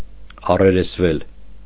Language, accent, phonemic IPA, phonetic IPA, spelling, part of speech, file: Armenian, Eastern Armenian, /ɑreɾesˈvel/, [ɑreɾesvél], առերեսվել, verb, Hy-առերեսվել.ogg
- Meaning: mediopassive of առերեսել (aṙeresel)